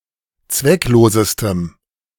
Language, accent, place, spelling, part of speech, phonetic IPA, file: German, Germany, Berlin, zwecklosestem, adjective, [ˈt͡svɛkˌloːzəstəm], De-zwecklosestem.ogg
- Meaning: strong dative masculine/neuter singular superlative degree of zwecklos